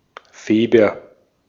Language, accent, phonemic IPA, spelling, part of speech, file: German, Austria, /ˈfeːbɐ/, Feber, noun, De-at-Feber.ogg
- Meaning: synonym of Februar (“February”)